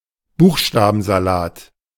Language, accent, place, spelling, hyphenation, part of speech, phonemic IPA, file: German, Germany, Berlin, Buchstabensalat, Buch‧sta‧ben‧sa‧lat, noun, /ˈbuːxʃtaːbn̩zaˌlaːt/, De-Buchstabensalat.ogg
- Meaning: alphabetical puzzle, alphabetical jumble, jumble of letters, letter salad